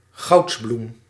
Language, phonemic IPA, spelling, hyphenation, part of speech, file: Dutch, /ˈɣɑu̯ts.blum/, goudsbloem, gouds‧bloem, noun, Nl-goudsbloem.ogg
- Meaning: marigold (Calendula)